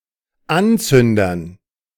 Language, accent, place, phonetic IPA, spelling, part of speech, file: German, Germany, Berlin, [ˈanˌt͡sʏndɐn], Anzündern, noun, De-Anzündern.ogg
- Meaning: dative plural of Anzünder